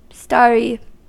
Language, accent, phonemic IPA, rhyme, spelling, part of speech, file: English, US, /ˈstɑɹ.i/, -ɑːɹi, starry, adjective, En-us-starry.ogg
- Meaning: 1. Having stars visible 2. Resembling or shaped like a star 3. Full of stars or celebrities